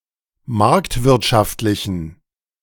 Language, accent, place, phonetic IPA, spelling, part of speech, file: German, Germany, Berlin, [ˈmaʁktvɪʁtʃaftlɪçn̩], marktwirtschaftlichen, adjective, De-marktwirtschaftlichen.ogg
- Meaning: inflection of marktwirtschaftlich: 1. strong genitive masculine/neuter singular 2. weak/mixed genitive/dative all-gender singular 3. strong/weak/mixed accusative masculine singular